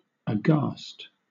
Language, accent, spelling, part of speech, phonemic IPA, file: English, Southern England, aghast, adjective, /əˈɡɑːst/, LL-Q1860 (eng)-aghast.wav
- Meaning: Terrified; struck with amazement; showing signs of terror or horror